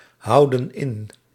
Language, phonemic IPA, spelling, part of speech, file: Dutch, /ˈhɑudə(n) ˈɪn/, houden in, verb, Nl-houden in.ogg
- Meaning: inflection of inhouden: 1. plural present indicative 2. plural present subjunctive